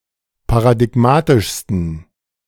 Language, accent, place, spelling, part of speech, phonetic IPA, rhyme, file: German, Germany, Berlin, paradigmatischsten, adjective, [paʁadɪˈɡmaːtɪʃstn̩], -aːtɪʃstn̩, De-paradigmatischsten.ogg
- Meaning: 1. superlative degree of paradigmatisch 2. inflection of paradigmatisch: strong genitive masculine/neuter singular superlative degree